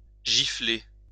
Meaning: to slap (on the face)
- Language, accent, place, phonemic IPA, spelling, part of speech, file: French, France, Lyon, /ʒi.fle/, gifler, verb, LL-Q150 (fra)-gifler.wav